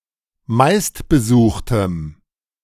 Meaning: strong dative masculine/neuter singular of meistbesucht
- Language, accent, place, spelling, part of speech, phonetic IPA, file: German, Germany, Berlin, meistbesuchtem, adjective, [ˈmaɪ̯stbəˌzuːxtəm], De-meistbesuchtem.ogg